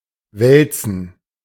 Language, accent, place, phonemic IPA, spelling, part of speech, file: German, Germany, Berlin, /ˈvɛlt͡sn̩/, wälzen, verb, De-wälzen.ogg
- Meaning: 1. to roll 2. to wriggle, writhe, toss and turn 3. to browse (a book)